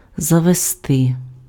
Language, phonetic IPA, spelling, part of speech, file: Ukrainian, [zɐʋeˈstɪ], завести, verb, Uk-завести.ogg
- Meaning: 1. to take, to bring, to lead 2. to get, to procure, to acquire, to buy 3. to establish, to set up, to found, to introduce 4. to start 5. to start (:motor); to wind up (:clock); to set (:alarm clock)